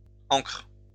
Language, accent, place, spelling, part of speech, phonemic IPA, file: French, France, Lyon, ancres, noun, /ɑ̃kʁ/, LL-Q150 (fra)-ancres.wav
- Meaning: plural of ancre